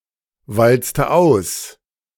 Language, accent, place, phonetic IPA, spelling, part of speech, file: German, Germany, Berlin, [ˌvalt͡stə ˈaʊ̯s], walzte aus, verb, De-walzte aus.ogg
- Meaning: inflection of auswalzen: 1. first/third-person singular preterite 2. first/third-person singular subjunctive II